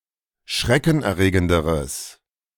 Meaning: strong/mixed nominative/accusative neuter singular comparative degree of schreckenerregend
- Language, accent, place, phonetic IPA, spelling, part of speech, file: German, Germany, Berlin, [ˈʃʁɛkn̩ʔɛɐ̯ˌʁeːɡəndəʁəs], schreckenerregenderes, adjective, De-schreckenerregenderes.ogg